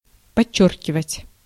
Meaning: 1. to underline, to underscore 2. to stress, to emphasize, to underscore
- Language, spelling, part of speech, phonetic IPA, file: Russian, подчёркивать, verb, [pɐˈt͡ɕːɵrkʲɪvətʲ], Ru-подчёркивать.ogg